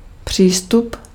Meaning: 1. access 2. approach 3. attitude
- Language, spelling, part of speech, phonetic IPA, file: Czech, přístup, noun, [ˈpr̝̊iːstup], Cs-přístup.ogg